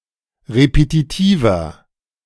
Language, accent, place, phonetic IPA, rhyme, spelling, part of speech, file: German, Germany, Berlin, [ʁepetiˈtiːvɐ], -iːvɐ, repetitiver, adjective, De-repetitiver.ogg
- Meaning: inflection of repetitiv: 1. strong/mixed nominative masculine singular 2. strong genitive/dative feminine singular 3. strong genitive plural